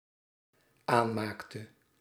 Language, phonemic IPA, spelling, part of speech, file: Dutch, /ˈanmaktə/, aanmaakte, verb, Nl-aanmaakte.ogg
- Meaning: inflection of aanmaken: 1. singular dependent-clause past indicative 2. singular dependent-clause past subjunctive